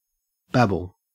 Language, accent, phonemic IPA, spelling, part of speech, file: English, Australia, /ˈbæb.(ə)l/, babble, verb / noun, En-au-babble.ogg
- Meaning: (verb) 1. To utter words indistinctly or unintelligibly; to utter inarticulate sounds 2. To talk incoherently; to utter meaningless words 3. To talk too much; to chatter; to prattle